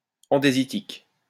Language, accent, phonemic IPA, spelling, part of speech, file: French, France, /ɑ̃.de.zi.tik/, andésitique, adjective, LL-Q150 (fra)-andésitique.wav
- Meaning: andesitic